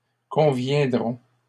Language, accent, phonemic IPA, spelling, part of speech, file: French, Canada, /kɔ̃.vjɛ̃.dʁɔ̃/, conviendrons, verb, LL-Q150 (fra)-conviendrons.wav
- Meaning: first-person plural future of convenir